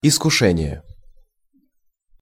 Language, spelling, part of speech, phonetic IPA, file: Russian, искушение, noun, [ɪskʊˈʂɛnʲɪje], Ru-искушение.ogg
- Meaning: temptation